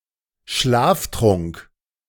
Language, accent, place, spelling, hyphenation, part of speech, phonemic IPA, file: German, Germany, Berlin, Schlaftrunk, Schlaf‧trunk, noun, /ˈʃlaːfˌtʁʊŋk/, De-Schlaftrunk.ogg
- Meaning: sleeping draught